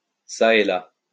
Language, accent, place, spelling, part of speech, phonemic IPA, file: French, France, Lyon, çà et là, adverb, /sa e la/, LL-Q150 (fra)-çà et là.wav
- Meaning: here and there, hither and thither